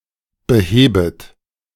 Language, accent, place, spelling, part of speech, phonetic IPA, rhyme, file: German, Germany, Berlin, behebet, verb, [bəˈheːbət], -eːbət, De-behebet.ogg
- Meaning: second-person plural subjunctive I of beheben